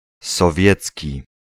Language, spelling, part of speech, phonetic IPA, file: Polish, sowiecki, adjective, [sɔˈvʲjɛt͡sʲci], Pl-sowiecki.ogg